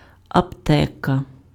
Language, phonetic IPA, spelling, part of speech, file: Ukrainian, [ɐpˈtɛkɐ], аптека, noun, Uk-аптека.ogg
- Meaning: chemist (store), drugstore, pharmacy